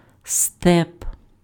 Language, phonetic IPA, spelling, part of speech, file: Ukrainian, [stɛp], степ, noun, Uk-степ.ogg
- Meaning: steppe